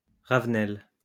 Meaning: wallflower, wild radish (plant)
- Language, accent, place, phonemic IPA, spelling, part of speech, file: French, France, Lyon, /ʁav.nɛl/, ravenelle, noun, LL-Q150 (fra)-ravenelle.wav